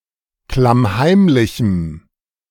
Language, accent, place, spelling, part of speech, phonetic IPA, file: German, Germany, Berlin, klammheimlichem, adjective, [klamˈhaɪ̯mlɪçm̩], De-klammheimlichem.ogg
- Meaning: strong dative masculine/neuter singular of klammheimlich